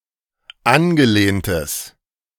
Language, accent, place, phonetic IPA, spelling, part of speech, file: German, Germany, Berlin, [ˈanɡəˌleːntəs], angelehntes, adjective, De-angelehntes.ogg
- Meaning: strong/mixed nominative/accusative neuter singular of angelehnt